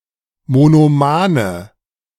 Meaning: inflection of monoman: 1. strong/mixed nominative/accusative feminine singular 2. strong nominative/accusative plural 3. weak nominative all-gender singular 4. weak accusative feminine/neuter singular
- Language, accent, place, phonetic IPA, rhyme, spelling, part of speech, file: German, Germany, Berlin, [monoˈmaːnə], -aːnə, monomane, adjective, De-monomane.ogg